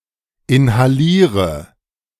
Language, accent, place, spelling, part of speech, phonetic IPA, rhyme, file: German, Germany, Berlin, inhaliere, verb, [ɪnhaˈliːʁə], -iːʁə, De-inhaliere.ogg
- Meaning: inflection of inhalieren: 1. first-person singular present 2. singular imperative 3. first/third-person singular subjunctive I